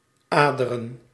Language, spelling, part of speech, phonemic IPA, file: Dutch, aderen, noun, /ˈaː.də.rə(n)/, Nl-aderen.ogg
- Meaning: plural of ader